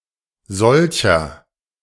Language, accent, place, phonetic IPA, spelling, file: German, Germany, Berlin, [ˈzɔlçɐ], solcher, De-solcher.ogg
- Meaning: inflection of solch: 1. strong/mixed nominative masculine singular 2. strong genitive/dative feminine singular 3. strong genitive plural